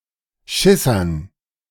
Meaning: dative plural of Schisser
- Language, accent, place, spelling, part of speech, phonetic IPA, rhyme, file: German, Germany, Berlin, Schissern, noun, [ˈʃɪsɐn], -ɪsɐn, De-Schissern.ogg